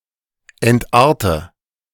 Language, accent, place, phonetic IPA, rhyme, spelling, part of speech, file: German, Germany, Berlin, [ɛntˈʔaːɐ̯tə], -aːɐ̯tə, entarte, verb, De-entarte.ogg
- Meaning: inflection of entarten: 1. first-person singular present 2. first/third-person singular subjunctive I 3. singular imperative